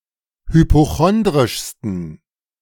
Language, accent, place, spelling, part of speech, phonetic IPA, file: German, Germany, Berlin, hypochondrischsten, adjective, [hypoˈxɔndʁɪʃstn̩], De-hypochondrischsten.ogg
- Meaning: 1. superlative degree of hypochondrisch 2. inflection of hypochondrisch: strong genitive masculine/neuter singular superlative degree